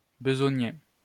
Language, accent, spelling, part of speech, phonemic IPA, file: French, France, besogner, verb, /bə.zɔ.ɲe/, LL-Q150 (fra)-besogner.wav
- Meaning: to toil, drudge, slave away